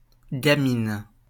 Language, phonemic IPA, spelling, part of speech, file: French, /ɡa.min/, gamine, noun, LL-Q150 (fra)-gamine.wav
- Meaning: kid (child)